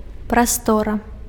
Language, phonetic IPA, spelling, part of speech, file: Belarusian, [praˈstora], прастора, noun, Be-прастора.ogg
- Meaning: room, space